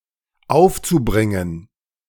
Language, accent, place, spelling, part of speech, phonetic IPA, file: German, Germany, Berlin, aufzubringen, verb, [ˈaʊ̯ft͡suˌbʁɪŋən], De-aufzubringen.ogg
- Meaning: zu-infinitive of aufbringen